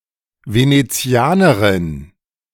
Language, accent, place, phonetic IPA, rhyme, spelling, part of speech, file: German, Germany, Berlin, [ˌveneˈt͡si̯aːnəʁɪn], -aːnəʁɪn, Venezianerin, noun, De-Venezianerin.ogg
- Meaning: Venetian (female person)